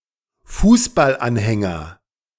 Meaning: football supporter, football fan
- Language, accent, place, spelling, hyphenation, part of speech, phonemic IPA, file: German, Germany, Berlin, Fußballanhänger, Fuß‧ball‧an‧hän‧ger, noun, /ˈfuːsbal.ˌanhɛŋɐ/, De-Fußballanhänger.ogg